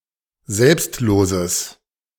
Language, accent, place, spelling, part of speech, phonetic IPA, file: German, Germany, Berlin, selbstloses, adjective, [ˈzɛlpstˌloːzəs], De-selbstloses.ogg
- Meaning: strong/mixed nominative/accusative neuter singular of selbstlos